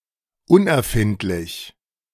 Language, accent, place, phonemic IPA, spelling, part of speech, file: German, Germany, Berlin, /ˈʊnʔɛɐ̯ˌfɪntlɪç/, unerfindlich, adjective, De-unerfindlich.ogg
- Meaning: incomprehensible